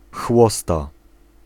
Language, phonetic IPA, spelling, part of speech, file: Polish, [ˈxwɔsta], chłosta, noun, Pl-chłosta.ogg